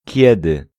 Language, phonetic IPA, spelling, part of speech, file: Polish, [ˈcɛdɨ], kiedy, pronoun / conjunction, Pl-kiedy.ogg